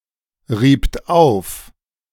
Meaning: second-person plural preterite of aufreiben
- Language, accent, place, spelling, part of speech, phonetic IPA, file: German, Germany, Berlin, riebt auf, verb, [ˌʁiːpt ˈaʊ̯f], De-riebt auf.ogg